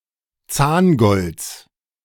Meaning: genitive singular of Zahngold
- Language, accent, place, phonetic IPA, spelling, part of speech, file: German, Germany, Berlin, [ˈt͡saːnˌɡɔlt͡s], Zahngolds, noun, De-Zahngolds.ogg